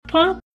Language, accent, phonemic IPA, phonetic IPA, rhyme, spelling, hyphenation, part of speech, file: English, US, /ˈpʌŋk/, [ˈpʰʌŋk], -ʌŋk, punk, punk, noun / adjective / verb, En-us-punk.oga
- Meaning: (noun) One who engages in sexual intercourse: 1. A female prostitute 2. A boy or younger man who engages in sexual intercourse by an older man as a (usually passive) homosexual partner